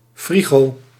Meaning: fridge, refrigerator
- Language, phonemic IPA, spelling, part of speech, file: Dutch, /ˈfriɣoː/, frigo, noun, Nl-frigo.ogg